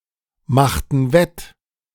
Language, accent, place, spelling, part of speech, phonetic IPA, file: German, Germany, Berlin, machten wett, verb, [ˌmaxtn̩ ˈvɛt], De-machten wett.ogg
- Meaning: inflection of wettmachen: 1. first/third-person plural preterite 2. first/third-person plural subjunctive II